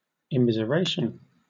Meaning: Synonym of immiserization (“the process of making miserable or poor, especially of a population as a whole; impoverishment, pauperization”)
- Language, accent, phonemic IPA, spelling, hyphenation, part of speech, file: English, Southern England, /ɪmɪzəˈɹeɪʃ(ə)n/, immiseration, im‧mi‧ser‧at‧ion, noun, LL-Q1860 (eng)-immiseration.wav